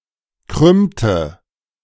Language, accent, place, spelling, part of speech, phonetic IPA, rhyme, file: German, Germany, Berlin, krümmte, verb, [ˈkʁʏmtə], -ʏmtə, De-krümmte.ogg
- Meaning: inflection of krümmen: 1. first/third-person singular preterite 2. first/third-person singular subjunctive II